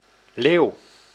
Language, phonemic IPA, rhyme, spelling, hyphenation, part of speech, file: Dutch, /leːu̯/, -eːu̯, leeuw, leeuw, noun, Nl-leeuw.ogg
- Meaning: 1. lion 2. burial mound